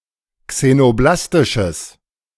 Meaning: strong/mixed nominative/accusative neuter singular of xenoblastisch
- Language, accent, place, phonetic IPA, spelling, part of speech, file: German, Germany, Berlin, [ksenoˈblastɪʃəs], xenoblastisches, adjective, De-xenoblastisches.ogg